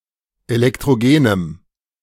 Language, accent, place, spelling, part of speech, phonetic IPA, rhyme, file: German, Germany, Berlin, elektrogenem, adjective, [elɛktʁoˈɡeːnəm], -eːnəm, De-elektrogenem.ogg
- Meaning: strong dative masculine/neuter singular of elektrogen